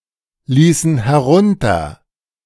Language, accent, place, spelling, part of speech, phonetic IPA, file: German, Germany, Berlin, ließen herunter, verb, [ˌliːsn̩ hɛˈʁʊntɐ], De-ließen herunter.ogg
- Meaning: first/third-person plural preterite of herunterlassen